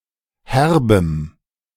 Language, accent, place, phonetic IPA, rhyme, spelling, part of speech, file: German, Germany, Berlin, [ˈhɛʁbəm], -ɛʁbəm, herbem, adjective, De-herbem.ogg
- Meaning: strong dative masculine/neuter singular of herb